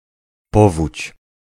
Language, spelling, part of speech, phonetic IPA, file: Polish, powódź, noun, [ˈpɔvut͡ɕ], Pl-powódź.ogg